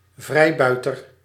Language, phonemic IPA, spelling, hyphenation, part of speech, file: Dutch, /ˈvrɛi̯bœy̯tər/, vrijbuiter, vrij‧bui‧ter, noun, Nl-vrijbuiter.ogg
- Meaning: a freebooter, particularly a pirate